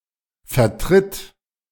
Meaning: singular imperative of vertreten
- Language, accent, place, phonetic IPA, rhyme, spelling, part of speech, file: German, Germany, Berlin, [fɛɐ̯ˈtʁɪt], -ɪt, vertritt, verb, De-vertritt.ogg